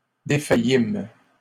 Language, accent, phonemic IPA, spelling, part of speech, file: French, Canada, /de.fa.jim/, défaillîmes, verb, LL-Q150 (fra)-défaillîmes.wav
- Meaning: first-person plural past historic of défaillir